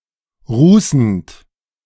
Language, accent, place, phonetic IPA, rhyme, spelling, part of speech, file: German, Germany, Berlin, [ˈʁuːsn̩t], -uːsn̩t, rußend, verb, De-rußend.ogg
- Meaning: present participle of rußen